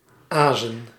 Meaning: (verb) 1. to predate 2. to long, to desire; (noun) plural of aas
- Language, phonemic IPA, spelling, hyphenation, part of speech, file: Dutch, /ˈaː.zə(n)/, azen, azen, verb / noun, Nl-azen.ogg